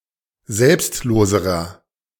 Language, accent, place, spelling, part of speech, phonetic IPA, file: German, Germany, Berlin, selbstloserer, adjective, [ˈzɛlpstˌloːzəʁɐ], De-selbstloserer.ogg
- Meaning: inflection of selbstlos: 1. strong/mixed nominative masculine singular comparative degree 2. strong genitive/dative feminine singular comparative degree 3. strong genitive plural comparative degree